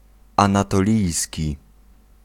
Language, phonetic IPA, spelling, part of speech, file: Polish, [ˌãnatɔˈlʲijsʲci], anatolijski, adjective, Pl-anatolijski.ogg